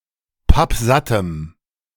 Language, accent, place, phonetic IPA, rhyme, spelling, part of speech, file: German, Germany, Berlin, [ˈpapˈzatəm], -atəm, pappsattem, adjective, De-pappsattem.ogg
- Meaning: strong dative masculine/neuter singular of pappsatt